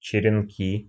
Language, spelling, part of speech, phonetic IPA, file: Russian, черенки, noun, [t͡ɕɪrʲɪnˈkʲi], Ru-черенки.ogg
- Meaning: inflection of черено́к (čerenók): 1. nominative plural 2. inanimate accusative plural